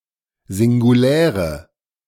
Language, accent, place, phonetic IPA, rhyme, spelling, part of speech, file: German, Germany, Berlin, [zɪŋɡuˈlɛːʁə], -ɛːʁə, singuläre, adjective, De-singuläre.ogg
- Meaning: inflection of singulär: 1. strong/mixed nominative/accusative feminine singular 2. strong nominative/accusative plural 3. weak nominative all-gender singular